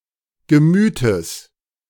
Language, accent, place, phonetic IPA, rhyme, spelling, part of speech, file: German, Germany, Berlin, [ɡəˈmyːtəs], -yːtəs, Gemütes, noun, De-Gemütes.ogg
- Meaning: genitive of Gemüt